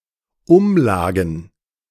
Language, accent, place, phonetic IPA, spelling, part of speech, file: German, Germany, Berlin, [ˈʊmˌlaːɡn̩], Umlagen, noun, De-Umlagen.ogg
- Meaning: plural of Umlage